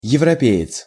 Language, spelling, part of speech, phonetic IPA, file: Russian, европеец, noun, [(j)ɪvrɐˈpʲe(j)ɪt͡s], Ru-европеец.ogg
- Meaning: 1. European (person) 2. westerner